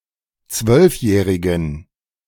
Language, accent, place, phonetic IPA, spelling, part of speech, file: German, Germany, Berlin, [ˈt͡svœlfˌjɛːʁɪɡn̩], zwölfjährigen, adjective, De-zwölfjährigen.ogg
- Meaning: inflection of zwölfjährig: 1. strong genitive masculine/neuter singular 2. weak/mixed genitive/dative all-gender singular 3. strong/weak/mixed accusative masculine singular 4. strong dative plural